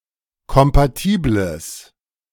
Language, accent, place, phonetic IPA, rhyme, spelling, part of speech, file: German, Germany, Berlin, [kɔmpaˈtiːbləs], -iːbləs, kompatibles, adjective, De-kompatibles.ogg
- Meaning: strong/mixed nominative/accusative neuter singular of kompatibel